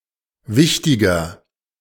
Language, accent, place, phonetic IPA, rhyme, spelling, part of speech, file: German, Germany, Berlin, [ˈvɪçtɪɡɐ], -ɪçtɪɡɐ, wichtiger, adjective, De-wichtiger.ogg
- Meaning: 1. comparative degree of wichtig 2. inflection of wichtig: strong/mixed nominative masculine singular 3. inflection of wichtig: strong genitive/dative feminine singular